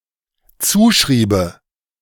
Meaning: first/third-person singular dependent subjunctive II of zuschreiben
- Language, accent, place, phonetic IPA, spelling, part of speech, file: German, Germany, Berlin, [ˈt͡suːˌʃʁiːbə], zuschriebe, verb, De-zuschriebe.ogg